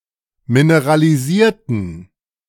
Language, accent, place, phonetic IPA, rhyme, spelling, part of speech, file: German, Germany, Berlin, [minəʁaliˈziːɐ̯tn̩], -iːɐ̯tn̩, mineralisierten, adjective / verb, De-mineralisierten.ogg
- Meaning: inflection of mineralisieren: 1. first/third-person plural preterite 2. first/third-person plural subjunctive II